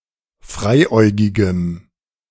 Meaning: strong dative masculine/neuter singular of freiäugig
- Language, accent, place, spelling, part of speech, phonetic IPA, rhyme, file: German, Germany, Berlin, freiäugigem, adjective, [ˈfʁaɪ̯ˌʔɔɪ̯ɡɪɡəm], -aɪ̯ʔɔɪ̯ɡɪɡəm, De-freiäugigem.ogg